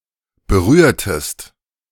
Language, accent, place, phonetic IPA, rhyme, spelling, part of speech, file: German, Germany, Berlin, [bəˈʁyːɐ̯təst], -yːɐ̯təst, berührtest, verb, De-berührtest.ogg
- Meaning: inflection of berühren: 1. second-person singular preterite 2. second-person singular subjunctive II